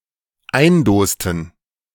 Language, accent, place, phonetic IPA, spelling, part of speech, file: German, Germany, Berlin, [ˈaɪ̯nˌdoːstn̩], eindosten, verb, De-eindosten.ogg
- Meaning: inflection of eindosen: 1. first/third-person plural dependent preterite 2. first/third-person plural dependent subjunctive II